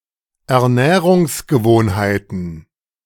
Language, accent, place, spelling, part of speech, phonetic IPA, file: German, Germany, Berlin, Ernährungsgewohnheiten, noun, [ɛɐ̯ˈnɛːʁʊŋsɡəˌvoːnhaɪ̯tn̩], De-Ernährungsgewohnheiten.ogg
- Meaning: plural of Ernährungsgewohnheit